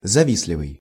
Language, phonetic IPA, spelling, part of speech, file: Russian, [zɐˈvʲis⁽ʲ⁾lʲɪvɨj], завистливый, adjective, Ru-завистливый.ogg
- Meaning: envious